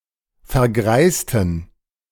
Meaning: inflection of vergreisen: 1. first/third-person plural preterite 2. first/third-person plural subjunctive II
- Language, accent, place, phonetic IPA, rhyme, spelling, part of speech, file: German, Germany, Berlin, [fɛɐ̯ˈɡʁaɪ̯stn̩], -aɪ̯stn̩, vergreisten, adjective / verb, De-vergreisten.ogg